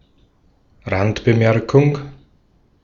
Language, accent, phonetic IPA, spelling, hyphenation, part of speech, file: German, Austria, [ˈʁantbəˌmɛʁkʊŋ], Randbemerkung, Rand‧be‧mer‧kung, noun, De-at-Randbemerkung.ogg
- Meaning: gloss